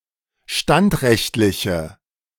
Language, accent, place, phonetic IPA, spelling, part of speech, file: German, Germany, Berlin, [ˈʃtantˌʁɛçtlɪçə], standrechtliche, adjective, De-standrechtliche.ogg
- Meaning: inflection of standrechtlich: 1. strong/mixed nominative/accusative feminine singular 2. strong nominative/accusative plural 3. weak nominative all-gender singular